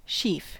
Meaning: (noun) 1. A quantity of the stalks and ears of wheat, rye, or other grain, bound together; a bundle of grain or straw 2. Any collection of things bound together
- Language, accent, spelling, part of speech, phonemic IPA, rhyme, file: English, US, sheaf, noun / verb, /ʃiːf/, -iːf, En-us-sheaf.ogg